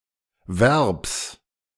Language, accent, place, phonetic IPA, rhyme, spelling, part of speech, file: German, Germany, Berlin, [vɛʁps], -ɛʁps, Verbs, noun, De-Verbs.ogg
- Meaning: genitive singular of Verb